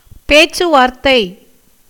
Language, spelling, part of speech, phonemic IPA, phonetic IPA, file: Tamil, பேச்சுவார்த்தை, noun, /peːtʃtʃʊʋɑːɾt̪ːɐɪ̯/, [peːssʊʋäːɾt̪ːɐɪ̯], Ta-பேச்சுவார்த்தை.ogg
- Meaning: 1. dialogue, negotiation 2. talk 3. dispute